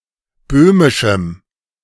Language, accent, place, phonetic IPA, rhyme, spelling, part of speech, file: German, Germany, Berlin, [ˈbøːmɪʃm̩], -øːmɪʃm̩, böhmischem, adjective, De-böhmischem.ogg
- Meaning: strong dative masculine/neuter singular of böhmisch